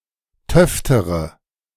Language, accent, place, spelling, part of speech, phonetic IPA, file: German, Germany, Berlin, töftere, adjective, [ˈtœftəʁə], De-töftere.ogg
- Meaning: inflection of töfte: 1. strong/mixed nominative/accusative feminine singular comparative degree 2. strong nominative/accusative plural comparative degree